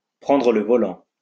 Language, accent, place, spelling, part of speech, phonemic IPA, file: French, France, Lyon, prendre le volant, verb, /pʁɑ̃.dʁə l(ə) vɔ.lɑ̃/, LL-Q150 (fra)-prendre le volant.wav
- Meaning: to take the wheel (to take control of the steering wheel of a vehicle)